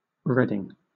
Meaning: 1. A surname 2. A large town in Berkshire, England 3. A number of places in the United States: A minor city in Lyon County, Kansas
- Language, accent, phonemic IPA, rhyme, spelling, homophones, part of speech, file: English, Southern England, /ˈɹɛdɪŋ/, -ɛdɪŋ, Reading, redding, proper noun, LL-Q1860 (eng)-Reading.wav